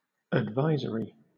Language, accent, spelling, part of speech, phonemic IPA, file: English, Southern England, advisory, adjective / noun, /ədˈvaɪzəɹi/, LL-Q1860 (eng)-advisory.wav
- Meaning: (adjective) 1. Able to give advice 2. Containing advice; advising; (noun) A warning